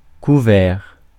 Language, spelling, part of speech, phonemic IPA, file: French, couvert, adjective / noun / verb, /ku.vɛʁ/, Fr-couvert.ogg
- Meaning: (adjective) 1. covered 2. cloudy, overcast; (noun) 1. Set of cutlery, place setting 2. covering, shelter; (verb) past participle of couvrir